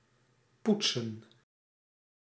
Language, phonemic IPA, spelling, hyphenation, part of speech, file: Dutch, /ˈput.sə(n)/, poetsen, poet‧sen, verb, Nl-poetsen.ogg
- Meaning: 1. to clean, shine 2. to brush (teeth)